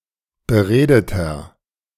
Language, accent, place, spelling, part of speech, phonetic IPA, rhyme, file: German, Germany, Berlin, beredeter, adjective, [bəˈʁeːdətɐ], -eːdətɐ, De-beredeter.ogg
- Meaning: inflection of beredet: 1. strong/mixed nominative masculine singular 2. strong genitive/dative feminine singular 3. strong genitive plural